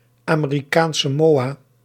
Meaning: misspelling of Amerikaans-Samoa
- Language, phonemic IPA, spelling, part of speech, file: Dutch, /aː.meː.riˌkaːns saːˈmoː.aː/, Amerikaans Samoa, proper noun, Nl-Amerikaans Samoa.ogg